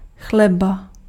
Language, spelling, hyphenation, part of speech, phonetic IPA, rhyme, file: Czech, chleba, chle‧ba, noun, [ˈxlɛba], -ɛba, Cs-chleba.ogg
- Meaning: alternative form of chléb; bread (baked dough made from grains)